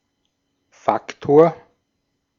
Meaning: 1. factor (integral part) 2. factor
- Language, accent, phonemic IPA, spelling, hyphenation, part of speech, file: German, Austria, /ˈfaktoːɐ̯/, Faktor, Fak‧tor, noun, De-at-Faktor.ogg